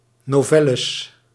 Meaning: plural of novelle
- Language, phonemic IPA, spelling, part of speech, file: Dutch, /noˈvɛləs/, novelles, noun, Nl-novelles.ogg